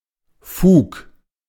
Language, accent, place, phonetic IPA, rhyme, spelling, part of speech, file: German, Germany, Berlin, [fuːk], -uːk, Fug, noun, De-Fug.ogg
- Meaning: right, justification (for acting a certain way)